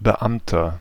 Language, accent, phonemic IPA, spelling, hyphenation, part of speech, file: German, Germany, /bəˈʔamtɐ/, Beamter, Be‧am‧ter, noun, De-Beamter.ogg
- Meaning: 1. government employee, (government) official, civil servant, public servant, (police) officer (male or of unspecified gender) 2. inflection of Beamte: strong genitive/dative singular